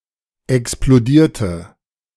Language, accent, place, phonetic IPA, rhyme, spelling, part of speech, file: German, Germany, Berlin, [ɛksploˈdiːɐ̯tə], -iːɐ̯tə, explodierte, adjective / verb, De-explodierte.ogg
- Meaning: inflection of explodieren: 1. first/third-person singular preterite 2. first/third-person singular subjunctive II